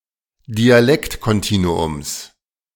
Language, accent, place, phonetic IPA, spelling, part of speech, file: German, Germany, Berlin, [diaˈlɛktkɔnˌtiːnuʊms], Dialektkontinuums, noun, De-Dialektkontinuums.ogg
- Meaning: genitive of Dialektkontinuum